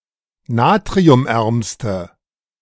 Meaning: inflection of natriumarm: 1. strong/mixed nominative/accusative feminine singular superlative degree 2. strong nominative/accusative plural superlative degree
- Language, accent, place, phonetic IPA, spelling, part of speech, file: German, Germany, Berlin, [ˈnaːtʁiʊmˌʔɛʁmstə], natriumärmste, adjective, De-natriumärmste.ogg